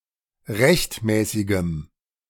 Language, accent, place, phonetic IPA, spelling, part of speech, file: German, Germany, Berlin, [ˈʁɛçtˌmɛːsɪɡəm], rechtmäßigem, adjective, De-rechtmäßigem.ogg
- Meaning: strong dative masculine/neuter singular of rechtmäßig